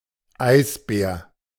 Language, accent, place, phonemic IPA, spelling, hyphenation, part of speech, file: German, Germany, Berlin, /ˈaɪ̯sˌbɛːr/, Eisbär, Eis‧bär, noun, De-Eisbär.ogg
- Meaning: polar bear (Ursus maritimus)